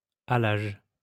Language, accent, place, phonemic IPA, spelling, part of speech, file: French, France, Lyon, /a.laʒ/, halage, noun, LL-Q150 (fra)-halage.wav
- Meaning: 1. haulage 2. towing path, towpath